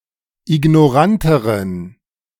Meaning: inflection of ignorant: 1. strong genitive masculine/neuter singular comparative degree 2. weak/mixed genitive/dative all-gender singular comparative degree
- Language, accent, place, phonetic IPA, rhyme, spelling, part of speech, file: German, Germany, Berlin, [ɪɡnɔˈʁantəʁən], -antəʁən, ignoranteren, adjective, De-ignoranteren.ogg